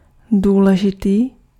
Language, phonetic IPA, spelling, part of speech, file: Czech, [ˈduːlɛʒɪtiː], důležitý, adjective, Cs-důležitý.ogg
- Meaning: important